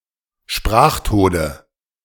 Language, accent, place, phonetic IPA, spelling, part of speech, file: German, Germany, Berlin, [ˈʃpʁaːxˌtoːdə], Sprachtode, noun, De-Sprachtode.ogg
- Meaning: nominative/accusative/genitive plural of Sprachtod